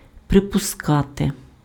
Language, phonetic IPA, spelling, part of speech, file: Ukrainian, [prepʊˈskate], припускати, verb, Uk-припускати.ogg
- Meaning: 1. to assume, to presume, to suppose, to presuppose 2. to surmise, to conjecture, to guess